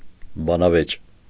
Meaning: debate
- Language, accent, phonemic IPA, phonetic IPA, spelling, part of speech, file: Armenian, Eastern Armenian, /bɑnɑˈvet͡ʃ/, [bɑnɑvét͡ʃ], բանավեճ, noun, Hy-բանավեճ.ogg